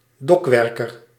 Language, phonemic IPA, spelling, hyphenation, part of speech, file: Dutch, /ˈdɔkˌʋɛr.kər/, dokwerker, dok‧wer‧ker, noun, Nl-dokwerker.ogg
- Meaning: dock worker